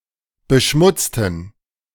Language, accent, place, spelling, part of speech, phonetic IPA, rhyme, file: German, Germany, Berlin, beschmutzten, adjective / verb, [bəˈʃmʊt͡stn̩], -ʊt͡stn̩, De-beschmutzten.ogg
- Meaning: inflection of beschmutzen: 1. first/third-person plural preterite 2. first/third-person plural subjunctive II